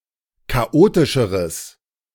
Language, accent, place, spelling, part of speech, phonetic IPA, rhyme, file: German, Germany, Berlin, chaotischeres, adjective, [kaˈʔoːtɪʃəʁəs], -oːtɪʃəʁəs, De-chaotischeres.ogg
- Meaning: strong/mixed nominative/accusative neuter singular comparative degree of chaotisch